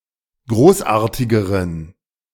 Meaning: inflection of großartig: 1. strong genitive masculine/neuter singular comparative degree 2. weak/mixed genitive/dative all-gender singular comparative degree
- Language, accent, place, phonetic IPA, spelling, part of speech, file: German, Germany, Berlin, [ˈɡʁoːsˌʔaːɐ̯tɪɡəʁən], großartigeren, adjective, De-großartigeren.ogg